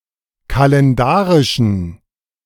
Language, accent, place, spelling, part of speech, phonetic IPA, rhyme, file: German, Germany, Berlin, kalendarischen, adjective, [kalɛnˈdaːʁɪʃn̩], -aːʁɪʃn̩, De-kalendarischen.ogg
- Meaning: inflection of kalendarisch: 1. strong genitive masculine/neuter singular 2. weak/mixed genitive/dative all-gender singular 3. strong/weak/mixed accusative masculine singular 4. strong dative plural